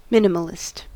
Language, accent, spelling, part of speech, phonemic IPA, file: English, US, minimalist, adjective / noun, /ˈmɪn.ə.məl.ɪst/, En-us-minimalist.ogg
- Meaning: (adjective) Believing in or seeking a minimal state; seeking to minimize or reduce to a minimum; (noun) One who believes in or seeks a minimal state; one who seeks to minimize or reduce to a minimum